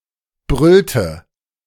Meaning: inflection of brüllen: 1. first/third-person singular preterite 2. first/third-person singular subjunctive II
- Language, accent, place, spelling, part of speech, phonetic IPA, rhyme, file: German, Germany, Berlin, brüllte, verb, [ˈbʁʏltə], -ʏltə, De-brüllte.ogg